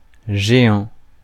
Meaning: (noun) 1. giant 2. giant slalom; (adjective) giant, huge, enormous
- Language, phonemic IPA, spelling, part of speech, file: French, /ʒe.ɑ̃/, géant, noun / adjective, Fr-géant.ogg